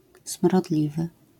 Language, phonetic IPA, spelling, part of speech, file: Polish, [sm̥rɔˈdlʲivɨ], smrodliwy, adjective, LL-Q809 (pol)-smrodliwy.wav